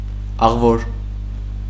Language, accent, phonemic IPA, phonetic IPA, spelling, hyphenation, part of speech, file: Armenian, Eastern Armenian, /ɑʁˈvoɾ/, [ɑʁvóɾ], աղվոր, աղ‧վոր, adjective, Hy-աղվոր.ogg
- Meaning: 1. beautiful, lovely, fine, handsome 2. good